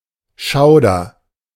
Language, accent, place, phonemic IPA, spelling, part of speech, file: German, Germany, Berlin, /ˈʃaʊ̯dɐ/, Schauder, noun, De-Schauder.ogg
- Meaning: shudder, shiver, creeps, frisson, grue